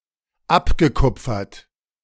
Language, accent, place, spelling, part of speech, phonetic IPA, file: German, Germany, Berlin, abgekupfert, verb, [ˈapɡəˌkʊp͡fɐt], De-abgekupfert.ogg
- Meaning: past participle of abkupfern